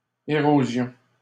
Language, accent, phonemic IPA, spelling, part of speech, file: French, Canada, /e.ʁo.zjɔ̃/, érosion, noun, LL-Q150 (fra)-érosion.wav
- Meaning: 1. erosion, weathering 2. erosion